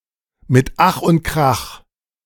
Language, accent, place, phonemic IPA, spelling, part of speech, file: German, Germany, Berlin, /mɪt ˈax ʊnt ˈkʁax/, mit Ach und Krach, prepositional phrase, De-mit Ach und Krach.ogg
- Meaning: by the skin of one's teeth (barely and with great exertion)